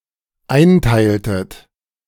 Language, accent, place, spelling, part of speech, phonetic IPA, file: German, Germany, Berlin, einteiltet, verb, [ˈaɪ̯nˌtaɪ̯ltət], De-einteiltet.ogg
- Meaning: inflection of einteilen: 1. second-person plural dependent preterite 2. second-person plural dependent subjunctive II